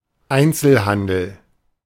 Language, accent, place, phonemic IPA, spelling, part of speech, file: German, Germany, Berlin, /ˈaintsəlˈhandəl/, Einzelhandel, noun, De-Einzelhandel.ogg
- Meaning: 1. retail (sale of goods directly to the consumer) 2. monopoly